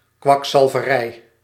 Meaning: quackery, pseudomedicine
- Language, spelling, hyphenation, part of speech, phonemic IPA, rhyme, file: Dutch, kwakzalverij, kwak‧zal‧ve‧rij, noun, /ˌkʋɑk.sɑl.və.ˈrɛi̯/, -ɛi̯, Nl-kwakzalverij.ogg